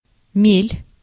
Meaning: shallow, shoal
- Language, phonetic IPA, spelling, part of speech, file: Russian, [mʲelʲ], мель, noun, Ru-мель.ogg